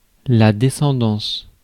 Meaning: line of descent
- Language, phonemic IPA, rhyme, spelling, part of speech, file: French, /de.sɑ̃.dɑ̃s/, -ɑ̃s, descendance, noun, Fr-descendance.ogg